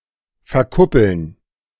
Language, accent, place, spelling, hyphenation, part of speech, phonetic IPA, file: German, Germany, Berlin, verkuppeln, ver‧kup‧peln, verb, [fɛɐ̯ˈkʊpl̩n], De-verkuppeln.ogg
- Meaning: to set up, matchmake